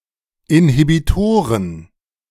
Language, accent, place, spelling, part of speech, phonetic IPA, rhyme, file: German, Germany, Berlin, Inhibitoren, noun, [ɪnhibiˈtoːʁən], -oːʁən, De-Inhibitoren.ogg
- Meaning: plural of Inhibitor